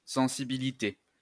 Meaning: sensitivity
- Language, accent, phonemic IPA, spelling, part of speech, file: French, France, /sɑ̃.si.bi.li.te/, sensibilité, noun, LL-Q150 (fra)-sensibilité.wav